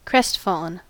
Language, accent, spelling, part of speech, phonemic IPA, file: English, US, crestfallen, adjective, /ˈkɹɛstfɔlən/, En-us-crestfallen.ogg
- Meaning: 1. Sad because of a disappointment 2. Having the crest, or upper part of the neck, hanging to one side